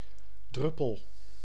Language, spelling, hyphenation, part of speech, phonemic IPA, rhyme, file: Dutch, druppel, drup‧pel, noun / verb, /ˈdrʏ.pəl/, -ʏpəl, Nl-druppel.ogg
- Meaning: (noun) 1. drop, dribble, droplet 2. a teardrop-shaped RFID key fob; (verb) inflection of druppelen: 1. first-person singular present indicative 2. second-person singular present indicative